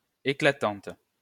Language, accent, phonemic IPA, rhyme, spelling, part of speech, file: French, France, /e.kla.tɑ̃t/, -ɑ̃t, éclatante, adjective, LL-Q150 (fra)-éclatante.wav
- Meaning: feminine singular of éclatant